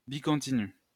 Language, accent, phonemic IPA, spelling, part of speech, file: French, France, /bi.kɔ̃.ti.ny/, bicontinu, adjective, LL-Q150 (fra)-bicontinu.wav
- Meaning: bicontinuous